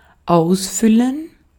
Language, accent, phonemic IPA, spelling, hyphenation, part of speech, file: German, Austria, /ˈaʊ̯sˌfʏlən/, ausfüllen, aus‧fül‧len, verb, De-at-ausfüllen.ogg
- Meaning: 1. to fill in; to fill completely; to take up 2. to fill in or fill out (a form) 3. to fill; to fulfil; to live up to (a position, task) 4. to fulfil; to satisfy (someone, e.g. of a job)